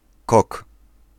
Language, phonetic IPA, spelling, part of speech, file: Polish, [kɔk], kok, noun, Pl-kok.ogg